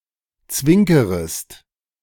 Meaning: second-person singular subjunctive I of zwinkern
- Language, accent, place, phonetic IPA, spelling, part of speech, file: German, Germany, Berlin, [ˈt͡svɪŋkəʁəst], zwinkerest, verb, De-zwinkerest.ogg